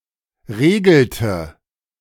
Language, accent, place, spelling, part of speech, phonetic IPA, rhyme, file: German, Germany, Berlin, regelte, verb, [ˈʁeːɡl̩tə], -eːɡl̩tə, De-regelte.ogg
- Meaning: inflection of regeln: 1. first/third-person singular preterite 2. first/third-person singular subjunctive II